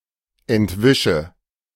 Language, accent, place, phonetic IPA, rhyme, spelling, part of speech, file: German, Germany, Berlin, [ɛntˈvɪʃə], -ɪʃə, entwische, verb, De-entwische.ogg
- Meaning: inflection of entwischen: 1. first-person singular present 2. first/third-person singular subjunctive I 3. singular imperative